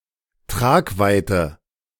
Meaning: 1. reach 2. momentousness, importance
- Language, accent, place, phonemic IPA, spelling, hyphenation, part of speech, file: German, Germany, Berlin, /ˈtʁaːkˌvaɪ̯tə/, Tragweite, Trag‧wei‧te, noun, De-Tragweite.ogg